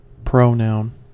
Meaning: A part of speech that refers anaphorically to a noun or noun phrase, which cannot ordinarily be preceded by a determiner and rarely takes an attributive adjective
- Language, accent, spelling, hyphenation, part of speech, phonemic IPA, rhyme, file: English, US, pronoun, pro‧noun, noun, /ˈpɹoʊ.naʊn/, -aʊn, En-us-pronoun.ogg